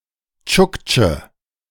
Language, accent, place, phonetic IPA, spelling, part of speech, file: German, Germany, Berlin, [ˈt͡ʃʊkt͡ʃə], Tschuktsche, noun, De-Tschuktsche.ogg
- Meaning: Chukchi (a man belonging to the Chukchi people)